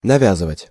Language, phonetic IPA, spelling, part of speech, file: Russian, [nɐˈvʲazɨvətʲ], навязывать, verb, Ru-навязывать.ogg
- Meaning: 1. to tie (on), to fasten (to) 2. to make (a number of), to knit 3. to impose (on), to thrust (on), to foist (off) (on)